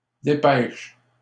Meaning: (noun) 1. dispatch (express private message) 2. telegram; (verb) inflection of dépêcher: 1. first/third-person singular present indicative/subjunctive 2. second-person singular imperative
- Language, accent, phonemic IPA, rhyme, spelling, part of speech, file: French, Canada, /de.pɛʃ/, -ɛʃ, dépêche, noun / verb, LL-Q150 (fra)-dépêche.wav